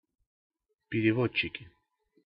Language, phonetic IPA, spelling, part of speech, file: Russian, [pʲɪrʲɪˈvot͡ɕːɪkʲɪ], переводчики, noun, Ru-переводчики.ogg
- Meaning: nominative plural of перево́дчик (perevódčik)